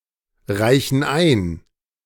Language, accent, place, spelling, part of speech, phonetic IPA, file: German, Germany, Berlin, reichen ein, verb, [ˌʁaɪ̯çn̩ ˈaɪ̯n], De-reichen ein.ogg
- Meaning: inflection of einreichen: 1. first/third-person plural present 2. first/third-person plural subjunctive I